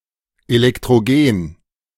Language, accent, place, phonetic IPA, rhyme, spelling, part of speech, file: German, Germany, Berlin, [elɛktʁoˈɡeːn], -eːn, elektrogen, adjective, De-elektrogen.ogg
- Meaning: electrogenic